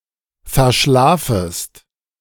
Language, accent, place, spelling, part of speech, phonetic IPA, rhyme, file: German, Germany, Berlin, verschlafest, verb, [fɛɐ̯ˈʃlaːfəst], -aːfəst, De-verschlafest.ogg
- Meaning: second-person singular subjunctive I of verschlafen